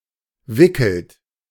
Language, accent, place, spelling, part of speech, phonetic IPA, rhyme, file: German, Germany, Berlin, wickelt, verb, [ˈvɪkl̩t], -ɪkl̩t, De-wickelt.ogg
- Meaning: inflection of wickeln: 1. third-person singular present 2. second-person plural present 3. plural imperative